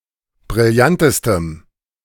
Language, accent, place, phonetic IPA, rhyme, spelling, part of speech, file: German, Germany, Berlin, [bʁɪlˈjantəstəm], -antəstəm, brillantestem, adjective, De-brillantestem.ogg
- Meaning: strong dative masculine/neuter singular superlative degree of brillant